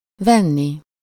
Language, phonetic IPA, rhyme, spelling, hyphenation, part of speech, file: Hungarian, [ˈvɛnːi], -ni, venni, ven‧ni, verb, Hu-venni.ogg
- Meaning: infinitive of vesz